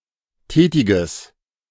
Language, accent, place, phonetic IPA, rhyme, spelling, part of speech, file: German, Germany, Berlin, [ˈtɛːtɪɡəs], -ɛːtɪɡəs, tätiges, adjective, De-tätiges.ogg
- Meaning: strong/mixed nominative/accusative neuter singular of tätig